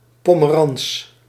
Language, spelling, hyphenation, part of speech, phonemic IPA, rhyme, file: Dutch, pomerans, po‧me‧rans, noun, /ˌpoː.məˈrɑns/, -ɑns, Nl-pomerans.ogg
- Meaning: 1. a felt or leather tip of a cue 2. a fruit of the bitter orange 3. a bitter orange tree, of the species Citrus ×aurantium